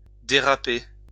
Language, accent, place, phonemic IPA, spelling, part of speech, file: French, France, Lyon, /de.ʁa.pe/, déraper, verb, LL-Q150 (fra)-déraper.wav
- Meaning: 1. to skid, to slide 2. to drag 3. to get out of hand, to get out of control